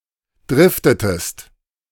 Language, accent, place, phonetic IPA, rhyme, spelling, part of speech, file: German, Germany, Berlin, [ˈdʁɪftətəst], -ɪftətəst, driftetest, verb, De-driftetest.ogg
- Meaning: inflection of driften: 1. second-person singular preterite 2. second-person singular subjunctive II